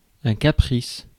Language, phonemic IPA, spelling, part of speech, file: French, /ka.pʁis/, caprice, noun, Fr-caprice.ogg
- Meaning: 1. whim; wish 2. tantrum